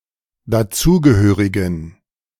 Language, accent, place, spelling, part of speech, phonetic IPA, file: German, Germany, Berlin, dazugehörigen, adjective, [daˈt͡suːɡəˌhøːʁɪɡn̩], De-dazugehörigen.ogg
- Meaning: inflection of dazugehörig: 1. strong genitive masculine/neuter singular 2. weak/mixed genitive/dative all-gender singular 3. strong/weak/mixed accusative masculine singular 4. strong dative plural